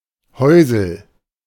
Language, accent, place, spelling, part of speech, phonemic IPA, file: German, Germany, Berlin, Häusl, noun, /ˈhɔɛ̯sl̩/, De-Häusl.ogg
- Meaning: 1. a small house 2. toilet, loo